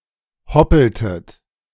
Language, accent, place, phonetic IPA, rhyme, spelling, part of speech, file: German, Germany, Berlin, [ˈhɔpl̩tət], -ɔpl̩tət, hoppeltet, verb, De-hoppeltet.ogg
- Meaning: inflection of hoppeln: 1. second-person plural preterite 2. second-person plural subjunctive II